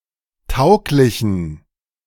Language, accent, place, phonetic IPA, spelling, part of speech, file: German, Germany, Berlin, [ˈtaʊ̯klɪçn̩], tauglichen, adjective, De-tauglichen.ogg
- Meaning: inflection of tauglich: 1. strong genitive masculine/neuter singular 2. weak/mixed genitive/dative all-gender singular 3. strong/weak/mixed accusative masculine singular 4. strong dative plural